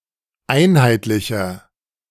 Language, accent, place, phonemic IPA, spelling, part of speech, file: German, Germany, Berlin, /ˈʔaɪ̯nhaɪ̯tlɪçɐ/, einheitlicher, adjective, De-einheitlicher.ogg
- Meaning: 1. comparative degree of einheitlich 2. inflection of einheitlich: strong/mixed nominative masculine singular 3. inflection of einheitlich: strong genitive/dative feminine singular